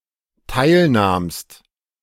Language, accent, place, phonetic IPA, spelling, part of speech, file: German, Germany, Berlin, [ˈtaɪ̯lˌnaːmst], teilnahmst, verb, De-teilnahmst.ogg
- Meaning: second-person singular dependent preterite of teilnehmen